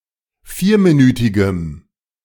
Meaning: strong dative masculine/neuter singular of vierminütig
- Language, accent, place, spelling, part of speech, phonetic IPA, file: German, Germany, Berlin, vierminütigem, adjective, [ˈfiːɐ̯miˌnyːtɪɡəm], De-vierminütigem.ogg